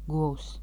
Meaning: 1. cattle (bovines in general, syn. liellops) 2. cow (specifically female)
- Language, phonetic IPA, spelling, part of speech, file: Latvian, [ɡùows], govs, noun, Lv-govs.ogg